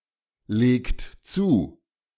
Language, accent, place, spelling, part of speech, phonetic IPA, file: German, Germany, Berlin, legt zu, verb, [ˌleːkt ˈt͡suː], De-legt zu.ogg
- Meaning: inflection of zulegen: 1. second-person plural present 2. third-person singular present 3. plural imperative